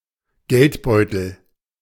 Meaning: wallet, purse
- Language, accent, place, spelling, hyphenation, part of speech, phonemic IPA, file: German, Germany, Berlin, Geldbeutel, Geld‧beu‧tel, noun, /ˈɡɛltˌbɔɪ̯tl̩/, De-Geldbeutel.ogg